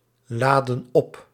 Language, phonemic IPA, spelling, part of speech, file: Dutch, /ˈladə(n) ˈɔp/, laden op, verb, Nl-laden op.ogg
- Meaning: inflection of opladen: 1. plural present indicative 2. plural present subjunctive